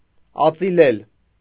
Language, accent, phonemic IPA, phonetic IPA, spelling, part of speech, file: Armenian, Eastern Armenian, /ɑt͡siˈlel/, [ɑt͡silél], ածիլել, verb, Hy-ածիլել.ogg
- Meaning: to shave